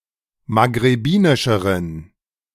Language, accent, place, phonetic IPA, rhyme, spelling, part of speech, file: German, Germany, Berlin, [maɡʁeˈbiːnɪʃəʁən], -iːnɪʃəʁən, maghrebinischeren, adjective, De-maghrebinischeren.ogg
- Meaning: inflection of maghrebinisch: 1. strong genitive masculine/neuter singular comparative degree 2. weak/mixed genitive/dative all-gender singular comparative degree